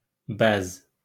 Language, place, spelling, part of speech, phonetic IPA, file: Azerbaijani, Baku, bəz, noun, [bæz], LL-Q9292 (aze)-bəz.wav
- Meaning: form of vəzi (“gland”)